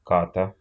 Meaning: inflection of кат (kat): 1. genitive singular 2. animate accusative singular
- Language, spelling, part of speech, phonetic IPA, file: Russian, ката, noun, [ˈkatə], Ru-ка́та.ogg